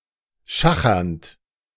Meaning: present participle of schachern
- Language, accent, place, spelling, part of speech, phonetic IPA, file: German, Germany, Berlin, schachernd, verb, [ˈʃaxɐnt], De-schachernd.ogg